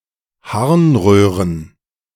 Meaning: plural of Harnröhre
- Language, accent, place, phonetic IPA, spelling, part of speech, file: German, Germany, Berlin, [ˈhaʁnˌʁøːʁən], Harnröhren, noun, De-Harnröhren.ogg